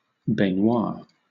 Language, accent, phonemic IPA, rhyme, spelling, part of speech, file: English, Southern England, /bɛnˈwɑː(ɹ)/, -ɑː(ɹ), baignoire, noun, LL-Q1860 (eng)-baignoire.wav
- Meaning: A box of the lowest tier in a theatre